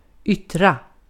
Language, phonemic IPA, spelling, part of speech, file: Swedish, /²ʏtːra/, yttra, verb, Sv-yttra.ogg
- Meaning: 1. to utter, to say (transitive or reflexive) 2. to manifest, to appear, to show (mostly with "sig som")